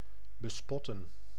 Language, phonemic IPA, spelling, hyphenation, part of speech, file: Dutch, /bəˈspɔtə(n)/, bespotten, be‧spot‧ten, verb, Nl-bespotten.ogg
- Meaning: to mock, to scorn